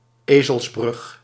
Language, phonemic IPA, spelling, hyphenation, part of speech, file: Dutch, /ˈeː.zəlsˌbrʏx/, ezelsbrug, ezels‧brug, noun, Nl-ezelsbrug.ogg
- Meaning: mnemonic